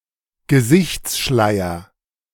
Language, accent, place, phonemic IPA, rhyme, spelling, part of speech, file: German, Germany, Berlin, /ɡəˈzɪçtsˌʃlaɪ̯ɐ/, -aɪ̯ɐ, Gesichtsschleier, noun, De-Gesichtsschleier.ogg
- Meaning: 1. niqab 2. facial disc